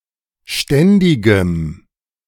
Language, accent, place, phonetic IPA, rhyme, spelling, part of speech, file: German, Germany, Berlin, [ˈʃtɛndɪɡəm], -ɛndɪɡəm, ständigem, adjective, De-ständigem.ogg
- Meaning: strong dative masculine/neuter singular of ständig